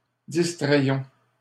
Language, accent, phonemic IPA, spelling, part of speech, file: French, Canada, /dis.tʁɛj.jɔ̃/, distrayions, verb, LL-Q150 (fra)-distrayions.wav
- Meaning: inflection of distraire: 1. first-person plural imperfect indicative 2. first-person plural present subjunctive